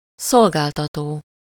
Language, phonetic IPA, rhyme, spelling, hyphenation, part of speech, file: Hungarian, [ˈsolɡaːltɒtoː], -toː, szolgáltató, szol‧gál‧ta‧tó, verb / noun, Hu-szolgáltató.ogg
- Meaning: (verb) present participle of szolgáltat; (noun) service provider